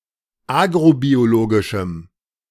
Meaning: strong dative masculine/neuter singular of agrobiologisch
- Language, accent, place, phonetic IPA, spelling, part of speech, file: German, Germany, Berlin, [ˈaːɡʁobioˌloːɡɪʃm̩], agrobiologischem, adjective, De-agrobiologischem.ogg